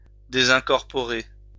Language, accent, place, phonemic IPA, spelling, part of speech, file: French, France, Lyon, /de.zɛ̃.kɔʁ.pɔ.ʁe/, désincorporer, verb, LL-Q150 (fra)-désincorporer.wav
- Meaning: to disincorporate, to separate, to disunite